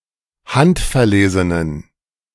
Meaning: inflection of handverlesen: 1. strong genitive masculine/neuter singular 2. weak/mixed genitive/dative all-gender singular 3. strong/weak/mixed accusative masculine singular 4. strong dative plural
- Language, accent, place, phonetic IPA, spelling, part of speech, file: German, Germany, Berlin, [ˈhantfɛɐ̯ˌleːzənən], handverlesenen, adjective, De-handverlesenen.ogg